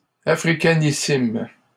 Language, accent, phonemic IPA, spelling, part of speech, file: French, Canada, /a.fʁi.ka.ni.sim/, africanissime, adjective, LL-Q150 (fra)-africanissime.wav
- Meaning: superlative degree of africain: Very or most African